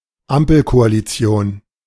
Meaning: A coalition consisting of the Social Democratic Party, Free Democratic Party, and the Greens
- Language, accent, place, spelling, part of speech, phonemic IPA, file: German, Germany, Berlin, Ampelkoalition, noun, /ˈampl̩koaliˌt͡si̯oːn/, De-Ampelkoalition.ogg